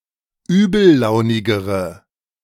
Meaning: inflection of übellaunig: 1. strong/mixed nominative/accusative feminine singular comparative degree 2. strong nominative/accusative plural comparative degree
- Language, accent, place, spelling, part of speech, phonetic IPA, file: German, Germany, Berlin, übellaunigere, adjective, [ˈyːbl̩ˌlaʊ̯nɪɡəʁə], De-übellaunigere.ogg